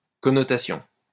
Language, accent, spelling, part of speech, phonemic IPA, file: French, France, connotation, noun, /kɔ.nɔ.ta.sjɔ̃/, LL-Q150 (fra)-connotation.wav
- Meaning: connotation